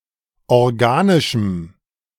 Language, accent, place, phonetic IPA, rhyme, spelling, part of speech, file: German, Germany, Berlin, [ɔʁˈɡaːnɪʃm̩], -aːnɪʃm̩, organischem, adjective, De-organischem.ogg
- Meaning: strong dative masculine/neuter singular of organisch